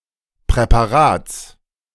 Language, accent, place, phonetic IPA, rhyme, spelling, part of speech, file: German, Germany, Berlin, [pʁɛpaˈʁaːt͡s], -aːt͡s, Präparats, noun, De-Präparats.ogg
- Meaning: genitive singular of Präparat